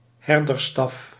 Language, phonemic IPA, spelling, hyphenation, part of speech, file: Dutch, /ˈɦɛr.dərˌstɑf/, herdersstaf, her‧ders‧staf, noun, Nl-herdersstaf.ogg
- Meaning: shepherd's crook